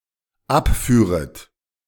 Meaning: second-person plural dependent subjunctive II of abfahren
- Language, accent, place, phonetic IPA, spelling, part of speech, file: German, Germany, Berlin, [ˈapˌfyːʁət], abführet, verb, De-abführet.ogg